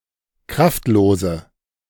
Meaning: inflection of kraftlos: 1. strong/mixed nominative/accusative feminine singular 2. strong nominative/accusative plural 3. weak nominative all-gender singular
- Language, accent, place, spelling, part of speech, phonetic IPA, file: German, Germany, Berlin, kraftlose, adjective, [ˈkʁaftˌloːzə], De-kraftlose.ogg